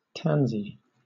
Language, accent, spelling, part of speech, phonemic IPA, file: English, Southern England, Tansy, proper noun, /ˈtænzi/, LL-Q1860 (eng)-Tansy.wav
- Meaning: A female given name from English